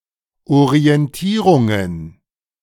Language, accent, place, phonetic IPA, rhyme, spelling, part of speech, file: German, Germany, Berlin, [oʁiɛnˈtiːʁʊŋən], -iːʁʊŋən, Orientierungen, noun, De-Orientierungen.ogg
- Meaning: plural of Orientierung